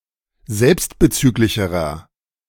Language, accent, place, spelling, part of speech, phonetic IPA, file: German, Germany, Berlin, selbstbezüglicherer, adjective, [ˈzɛlpstbəˌt͡syːklɪçəʁɐ], De-selbstbezüglicherer.ogg
- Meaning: inflection of selbstbezüglich: 1. strong/mixed nominative masculine singular comparative degree 2. strong genitive/dative feminine singular comparative degree